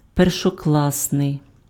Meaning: first-class, first-rate (of the highest quality)
- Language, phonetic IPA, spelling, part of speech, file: Ukrainian, [perʃɔˈkɫasnei̯], першокласний, adjective, Uk-першокласний.ogg